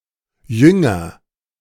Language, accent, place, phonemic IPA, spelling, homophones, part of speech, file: German, Germany, Berlin, /ˈjʏŋɐ/, Jünger, jünger, noun, De-Jünger.ogg
- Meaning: 1. disciple (one who learns from and follows a usually religious or philosophical teacher; male or unspecified sex) 2. one of the disciples of Jesus 3. a devoted follower, enthusiast